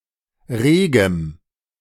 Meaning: strong dative masculine/neuter singular of rege
- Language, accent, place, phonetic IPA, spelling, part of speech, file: German, Germany, Berlin, [ˈʁeːɡəm], regem, adjective, De-regem.ogg